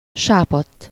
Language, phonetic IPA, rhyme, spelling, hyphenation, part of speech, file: Hungarian, [ˈʃaːpɒtː], -ɒtː, sápadt, sá‧padt, verb / adjective, Hu-sápadt.ogg
- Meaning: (verb) 1. third-person singular indicative past indefinite of sápad 2. past participle of sápad; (adjective) pale